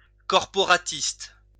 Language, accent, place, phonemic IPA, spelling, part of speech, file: French, France, Lyon, /kɔʁ.pɔ.ʁa.tist/, corporatiste, adjective, LL-Q150 (fra)-corporatiste.wav
- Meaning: corporatist